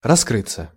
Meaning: 1. to open 2. to uncover oneself 3. to come out, to come to light 4. to reveal/manifest oneself 5. to show one's cards/hand, to lay one's cards on the table 6. passive of раскры́ть (raskrýtʹ)
- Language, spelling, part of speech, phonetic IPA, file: Russian, раскрыться, verb, [rɐˈskrɨt͡sːə], Ru-раскрыться.ogg